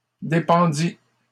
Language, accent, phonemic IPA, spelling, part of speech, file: French, Canada, /de.pɑ̃.di/, dépendît, verb, LL-Q150 (fra)-dépendît.wav
- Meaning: third-person singular imperfect subjunctive of dépendre